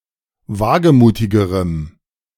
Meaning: strong dative masculine/neuter singular comparative degree of wagemutig
- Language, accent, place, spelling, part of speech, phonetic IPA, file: German, Germany, Berlin, wagemutigerem, adjective, [ˈvaːɡəˌmuːtɪɡəʁəm], De-wagemutigerem.ogg